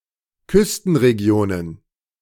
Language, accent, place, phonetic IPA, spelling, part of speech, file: German, Germany, Berlin, [ˈkʏstn̩ʁeˌɡi̯oːnən], Küstenregionen, noun, De-Küstenregionen.ogg
- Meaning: plural of Küstenregion